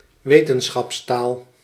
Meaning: 1. scientific terminology or jargon, language of science, scientific language 2. a language (dialect, e.g. an official national language) used for communicating science
- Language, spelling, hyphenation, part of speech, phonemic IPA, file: Dutch, wetenschapstaal, we‧ten‧schaps‧taal, noun, /ˈʋeː.tən.sxɑpsˌtaːl/, Nl-wetenschapstaal.ogg